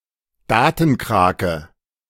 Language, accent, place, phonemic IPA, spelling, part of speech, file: German, Germany, Berlin, /ˈdaːt(ə)nˌkʁaːkə/, Datenkrake, noun, De-Datenkrake.ogg
- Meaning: datenkraken, data leech (Internet companies that have a large number of users and possess detailed personal information on them)